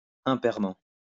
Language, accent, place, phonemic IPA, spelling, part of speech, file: French, France, Lyon, /ɛ̃.pɛʁ.mɑ̃/, impairement, adverb, LL-Q150 (fra)-impairement.wav
- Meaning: oddly, unevenly (in number terms)